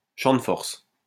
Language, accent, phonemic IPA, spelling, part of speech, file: French, France, /ʃɑ̃ d(ə) fɔʁs/, champ de force, noun, LL-Q150 (fra)-champ de force.wav
- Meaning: 1. force field, field 2. force field